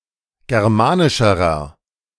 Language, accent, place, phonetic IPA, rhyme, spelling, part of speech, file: German, Germany, Berlin, [ˌɡɛʁˈmaːnɪʃəʁɐ], -aːnɪʃəʁɐ, germanischerer, adjective, De-germanischerer.ogg
- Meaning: inflection of germanisch: 1. strong/mixed nominative masculine singular comparative degree 2. strong genitive/dative feminine singular comparative degree 3. strong genitive plural comparative degree